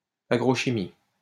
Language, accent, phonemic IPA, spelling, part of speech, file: French, France, /a.ɡʁo.ʃi.mi/, agrochimie, noun, LL-Q150 (fra)-agrochimie.wav
- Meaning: agrochemistry